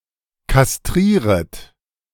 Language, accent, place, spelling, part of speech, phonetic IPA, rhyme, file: German, Germany, Berlin, kastrieret, verb, [kasˈtʁiːʁət], -iːʁət, De-kastrieret.ogg
- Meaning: second-person plural subjunctive I of kastrieren